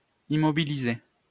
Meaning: to immobilize
- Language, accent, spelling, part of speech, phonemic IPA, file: French, France, immobiliser, verb, /i.mɔ.bi.li.ze/, LL-Q150 (fra)-immobiliser.wav